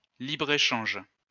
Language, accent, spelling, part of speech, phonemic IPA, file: French, France, libre-échange, noun, /li.bʁe.ʃɑ̃ʒ/, LL-Q150 (fra)-libre-échange.wav
- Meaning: free trade